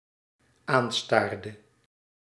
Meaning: inflection of aanstaren: 1. singular dependent-clause past indicative 2. singular dependent-clause past subjunctive
- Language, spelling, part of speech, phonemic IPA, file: Dutch, aanstaarde, verb, /ˈanstardə/, Nl-aanstaarde.ogg